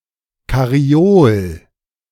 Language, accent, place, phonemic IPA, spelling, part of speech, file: German, Germany, Berlin, /karˈjoːl/, Karriol, noun, De-Karriol.ogg
- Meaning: alternative form of Karriole f